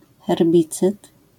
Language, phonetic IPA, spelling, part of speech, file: Polish, [xɛrˈbʲit͡sɨt], herbicyd, noun, LL-Q809 (pol)-herbicyd.wav